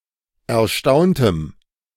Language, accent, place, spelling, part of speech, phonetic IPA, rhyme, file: German, Germany, Berlin, erstaunte, adjective / verb, [ɛɐ̯ˈʃtaʊ̯ntə], -aʊ̯ntə, De-erstaunte.ogg
- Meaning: inflection of erstaunen: 1. first/third-person singular preterite 2. first/third-person singular subjunctive II